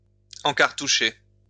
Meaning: to prepare a cartouche of firearms (by putting powders)
- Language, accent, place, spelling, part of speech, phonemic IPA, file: French, France, Lyon, encartoucher, verb, /ɑ̃.kaʁ.tu.ʃe/, LL-Q150 (fra)-encartoucher.wav